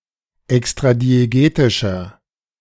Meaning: inflection of extradiegetisch: 1. strong/mixed nominative masculine singular 2. strong genitive/dative feminine singular 3. strong genitive plural
- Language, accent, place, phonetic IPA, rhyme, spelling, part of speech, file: German, Germany, Berlin, [ɛkstʁadieˈɡeːtɪʃɐ], -eːtɪʃɐ, extradiegetischer, adjective, De-extradiegetischer.ogg